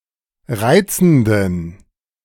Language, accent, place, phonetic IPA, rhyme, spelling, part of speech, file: German, Germany, Berlin, [ˈʁaɪ̯t͡sn̩dən], -aɪ̯t͡sn̩dən, reizenden, adjective, De-reizenden.ogg
- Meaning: inflection of reizend: 1. strong genitive masculine/neuter singular 2. weak/mixed genitive/dative all-gender singular 3. strong/weak/mixed accusative masculine singular 4. strong dative plural